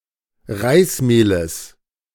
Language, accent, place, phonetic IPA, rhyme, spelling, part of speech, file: German, Germany, Berlin, [ˈʁaɪ̯sˌmeːləs], -aɪ̯smeːləs, Reismehles, noun, De-Reismehles.ogg
- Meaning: genitive singular of Reismehl